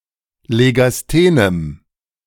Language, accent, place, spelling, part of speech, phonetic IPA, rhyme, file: German, Germany, Berlin, legasthenem, adjective, [leɡasˈteːnəm], -eːnəm, De-legasthenem.ogg
- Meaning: strong dative masculine/neuter singular of legasthen